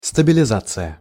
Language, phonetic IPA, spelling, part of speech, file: Russian, [stəbʲɪlʲɪˈzat͡sɨjə], стабилизация, noun, Ru-стабилизация.ogg
- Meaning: stabilization